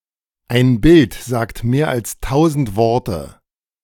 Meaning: a picture is worth a thousand words, a picture paints a thousand words
- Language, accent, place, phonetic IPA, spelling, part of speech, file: German, Germany, Berlin, [aɪ̯n bɪlt zaːkt meːɐ̯ als ˈtaʊ̯zn̩t ˈvɔʁtə], ein Bild sagt mehr als tausend Worte, phrase, De-ein Bild sagt mehr als tausend Worte.ogg